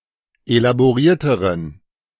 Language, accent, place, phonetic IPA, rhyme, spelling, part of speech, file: German, Germany, Berlin, [elaboˈʁiːɐ̯təʁən], -iːɐ̯təʁən, elaborierteren, adjective, De-elaborierteren.ogg
- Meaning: inflection of elaboriert: 1. strong genitive masculine/neuter singular comparative degree 2. weak/mixed genitive/dative all-gender singular comparative degree